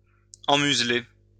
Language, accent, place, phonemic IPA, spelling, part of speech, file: French, France, Lyon, /ɑ̃.myz.le/, emmuseler, verb, LL-Q150 (fra)-emmuseler.wav
- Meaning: to muzzle